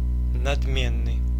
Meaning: supercilious, haughty, arrogant
- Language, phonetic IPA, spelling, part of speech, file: Russian, [nɐdˈmʲenːɨj], надменный, adjective, Ru-надменный.ogg